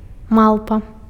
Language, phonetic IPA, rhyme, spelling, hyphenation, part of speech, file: Belarusian, [ˈmaɫpa], -aɫpa, малпа, мал‧па, noun, Be-малпа.ogg
- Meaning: 1. ape, monkey 2. an ugly person